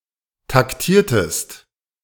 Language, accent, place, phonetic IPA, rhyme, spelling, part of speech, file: German, Germany, Berlin, [takˈtiːɐ̯təst], -iːɐ̯təst, taktiertest, verb, De-taktiertest.ogg
- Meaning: inflection of taktieren: 1. second-person singular preterite 2. second-person singular subjunctive II